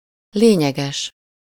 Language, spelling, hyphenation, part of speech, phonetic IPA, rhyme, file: Hungarian, lényeges, lé‧nye‧ges, adjective, [ˈleːɲɛɡɛʃ], -ɛʃ, Hu-lényeges.ogg
- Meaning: 1. essential 2. substantial, significant